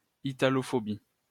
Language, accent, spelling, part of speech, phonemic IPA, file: French, France, italophobie, noun, /i.ta.lɔ.fɔ.bi/, LL-Q150 (fra)-italophobie.wav
- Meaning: Italophobia